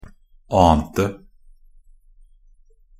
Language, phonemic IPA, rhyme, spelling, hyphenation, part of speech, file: Norwegian Bokmål, /ˈɑːntə/, -ɑːntə, ante, an‧te, verb, Nb-ante.ogg
- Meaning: 1. simple past of ane 2. past participle definite singular of ane 3. past participle plural of ane